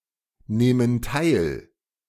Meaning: inflection of teilnehmen: 1. first/third-person plural present 2. first/third-person plural subjunctive I
- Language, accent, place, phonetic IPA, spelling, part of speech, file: German, Germany, Berlin, [ˌneːmən ˈtaɪ̯l], nehmen teil, verb, De-nehmen teil.ogg